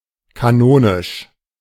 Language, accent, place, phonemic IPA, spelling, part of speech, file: German, Germany, Berlin, /kaˈnoːnɪʃ/, kanonisch, adjective, De-kanonisch.ogg
- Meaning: canonic, canonical (all senses)